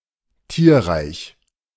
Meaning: animal kingdom
- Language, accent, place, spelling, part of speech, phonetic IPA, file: German, Germany, Berlin, Tierreich, noun, [ˈtiːɐ̯ʁaɪ̯ç], De-Tierreich.ogg